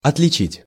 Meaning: to distinguish, to tell (from) (to see someone or something clearly or distinctly)
- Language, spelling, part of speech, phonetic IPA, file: Russian, отличить, verb, [ɐtlʲɪˈt͡ɕitʲ], Ru-отличить.ogg